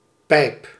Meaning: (noun) 1. pipe 2. tube; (verb) inflection of pijpen: 1. first-person singular present indicative 2. second-person singular present indicative 3. imperative
- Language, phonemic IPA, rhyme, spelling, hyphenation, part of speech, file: Dutch, /pɛi̯p/, -ɛi̯p, pijp, pijp, noun / verb, Nl-pijp.ogg